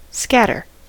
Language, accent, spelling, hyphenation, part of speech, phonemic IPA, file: English, US, scatter, scat‧ter, verb / noun, /ˈskætɚ/, En-us-scatter.ogg
- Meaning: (verb) 1. To (cause to) separate and go in different directions; to disperse 2. To distribute loosely as by sprinkling 3. To deflect (radiation or particles)